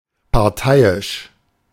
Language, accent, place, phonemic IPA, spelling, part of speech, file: German, Germany, Berlin, /paʁˈtaɪ̯ɪʃ/, parteiisch, adjective, De-parteiisch.ogg
- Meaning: partial, biased, one-sided (in favour of one faction)